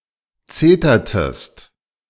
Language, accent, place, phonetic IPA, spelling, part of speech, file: German, Germany, Berlin, [ˈt͡seːtɐtəst], zetertest, verb, De-zetertest.ogg
- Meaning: inflection of zetern: 1. second-person singular preterite 2. second-person singular subjunctive II